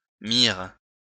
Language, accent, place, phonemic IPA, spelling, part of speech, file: French, France, Lyon, /miʁ/, myrrhe, noun, LL-Q150 (fra)-myrrhe.wav
- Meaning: myrrh (dried sap of the myrrha tree)